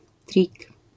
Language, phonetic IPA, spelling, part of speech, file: Polish, [trʲik], trik, noun, LL-Q809 (pol)-trik.wav